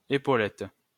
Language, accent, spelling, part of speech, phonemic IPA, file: French, France, épaulette, noun, /e.po.lɛt/, LL-Q150 (fra)-épaulette.wav
- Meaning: epaulette